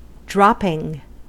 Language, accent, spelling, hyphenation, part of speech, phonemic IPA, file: English, General American, dropping, drop‧ping, verb / noun, /ˈdɹɑpɪŋ/, En-us-dropping.ogg
- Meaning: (verb) present participle and gerund of drop; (noun) 1. Something dropped; a droplet 2. A piece of animal excrement; dung 3. The act of something that drops or falls